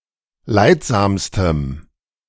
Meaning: strong dative masculine/neuter singular superlative degree of leidsam
- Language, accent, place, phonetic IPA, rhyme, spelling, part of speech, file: German, Germany, Berlin, [ˈlaɪ̯tˌzaːmstəm], -aɪ̯tzaːmstəm, leidsamstem, adjective, De-leidsamstem.ogg